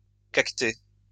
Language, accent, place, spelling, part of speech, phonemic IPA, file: French, France, Lyon, cactée, noun, /kak.te/, LL-Q150 (fra)-cactée.wav
- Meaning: cactus